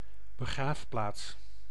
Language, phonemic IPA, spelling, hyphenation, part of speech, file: Dutch, /bəˈɣraːfˌplaːts/, begraafplaats, be‧graaf‧plaats, noun, Nl-begraafplaats.ogg
- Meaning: cemetery, a ground reserved for graves